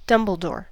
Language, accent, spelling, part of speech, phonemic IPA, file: English, US, dumbledore, noun, /ˈdʌm.bəl.dɔːɹ/, En-us-dumbledore.ogg
- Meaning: 1. A bumblebee 2. A beetle, typically a cockchafer or dung beetle 3. A dandelion 4. A blundering person